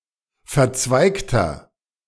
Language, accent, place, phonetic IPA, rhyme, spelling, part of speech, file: German, Germany, Berlin, [fɛɐ̯ˈt͡svaɪ̯ktɐ], -aɪ̯ktɐ, verzweigter, adjective, De-verzweigter.ogg
- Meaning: inflection of verzweigt: 1. strong/mixed nominative masculine singular 2. strong genitive/dative feminine singular 3. strong genitive plural